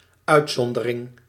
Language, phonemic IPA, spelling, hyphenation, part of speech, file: Dutch, /ˈœy̯tˌsɔn.də.rɪŋ/, uitzondering, uit‧zon‧de‧ring, noun, Nl-uitzondering.ogg
- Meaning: exception